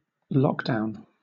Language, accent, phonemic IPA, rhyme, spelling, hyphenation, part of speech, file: English, Southern England, /ˈlɒkˌdaʊn/, -ɒkdaʊn, lockdown, lock‧down, noun, LL-Q1860 (eng)-lockdown.wav